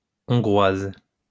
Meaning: female equivalent of Hongrois
- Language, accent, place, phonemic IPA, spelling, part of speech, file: French, France, Lyon, /ɔ̃.ɡʁwaz/, Hongroise, noun, LL-Q150 (fra)-Hongroise.wav